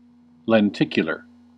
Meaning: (adjective) 1. Of or pertaining to a lens 2. Shaped like a biconvex lens 3. Relating to a lenticular image 4. Covered in lenticels; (noun) Ellipsis of lenticular image
- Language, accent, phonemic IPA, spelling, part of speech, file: English, US, /lɛnˈtɪk.jə.lɚ/, lenticular, adjective / noun, En-us-lenticular.ogg